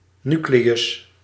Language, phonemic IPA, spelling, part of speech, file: Dutch, /ˈnykleːjʏs/, nucleus, noun, Nl-nucleus.ogg
- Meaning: nucleus, core